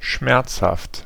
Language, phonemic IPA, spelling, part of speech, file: German, /ˈʃmɛʁt͡shaft/, schmerzhaft, adjective, De-schmerzhaft.ogg
- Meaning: painful (causing physical or emotional pain)